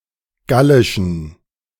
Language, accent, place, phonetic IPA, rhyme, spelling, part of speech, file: German, Germany, Berlin, [ˈɡalɪʃn̩], -alɪʃn̩, gallischen, adjective, De-gallischen.ogg
- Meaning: inflection of gallisch: 1. strong genitive masculine/neuter singular 2. weak/mixed genitive/dative all-gender singular 3. strong/weak/mixed accusative masculine singular 4. strong dative plural